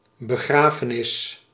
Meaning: burial, funeral
- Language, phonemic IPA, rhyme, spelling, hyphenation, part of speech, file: Dutch, /bəˈɣraː.fəˌnɪs/, -aːfənɪs, begrafenis, be‧gra‧fe‧nis, noun, Nl-begrafenis.ogg